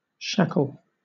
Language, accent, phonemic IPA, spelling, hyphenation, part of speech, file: English, Southern England, /ˈʃækl̩/, shackle, shack‧le, noun / verb, LL-Q1860 (eng)-shackle.wav
- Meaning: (noun) A restraint fitted over a human or animal appendage, such as an ankle, finger, or wrist, normally used in a pair joined by a chain